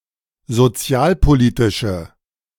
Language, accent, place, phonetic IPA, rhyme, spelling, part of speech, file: German, Germany, Berlin, [zoˈt͡si̯aːlpoˌliːtɪʃə], -aːlpoliːtɪʃə, sozialpolitische, adjective, De-sozialpolitische.ogg
- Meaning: inflection of sozialpolitisch: 1. strong/mixed nominative/accusative feminine singular 2. strong nominative/accusative plural 3. weak nominative all-gender singular